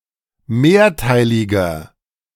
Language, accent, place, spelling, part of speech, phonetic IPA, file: German, Germany, Berlin, mehrteiliger, adjective, [ˈmeːɐ̯ˌtaɪ̯lɪɡɐ], De-mehrteiliger.ogg
- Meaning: inflection of mehrteilig: 1. strong/mixed nominative masculine singular 2. strong genitive/dative feminine singular 3. strong genitive plural